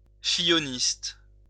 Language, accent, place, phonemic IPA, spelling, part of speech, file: French, France, Lyon, /fi.jɔ.nist/, filloniste, adjective, LL-Q150 (fra)-filloniste.wav
- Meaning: of François Fillon